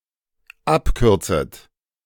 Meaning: second-person plural dependent subjunctive I of abkürzen
- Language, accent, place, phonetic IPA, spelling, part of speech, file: German, Germany, Berlin, [ˈapˌkʏʁt͡sət], abkürzet, verb, De-abkürzet.ogg